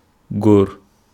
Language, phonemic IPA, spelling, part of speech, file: Wolof, /ɡoːr/, góor, noun, Wo-góor.oga
- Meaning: man, male